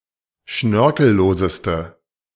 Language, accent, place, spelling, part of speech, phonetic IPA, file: German, Germany, Berlin, schnörkelloseste, adjective, [ˈʃnœʁkl̩ˌloːzəstə], De-schnörkelloseste.ogg
- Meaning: inflection of schnörkellos: 1. strong/mixed nominative/accusative feminine singular superlative degree 2. strong nominative/accusative plural superlative degree